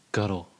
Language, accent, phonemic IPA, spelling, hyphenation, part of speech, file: English, General American, /ˈɡʌt(ə)l/, guttle, gut‧tle, verb / noun, En-us-guttle.ogg
- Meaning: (verb) 1. Often followed by down or up: to swallow (something) greedily; to gobble, to guzzle 2. To eat voraciously; to gorge; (noun) An act of swallowing voraciously